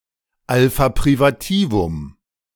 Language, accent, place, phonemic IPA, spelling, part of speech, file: German, Germany, Berlin, /ˈalfa pʁivaˈtiːvʊm/, Alpha privativum, noun, De-Alpha privativum.ogg
- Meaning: alpha privative